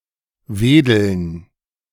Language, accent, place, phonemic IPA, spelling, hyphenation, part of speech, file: German, Germany, Berlin, /ˈveːdl̩n/, Wedeln, We‧deln, noun, De-Wedeln.ogg
- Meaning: 1. gerund of wedeln 2. dative plural of Wedel